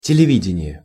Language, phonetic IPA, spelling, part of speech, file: Russian, [tʲɪlʲɪˈvʲidʲɪnʲɪje], телевидение, noun, Ru-телевидение.ogg
- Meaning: television (medium)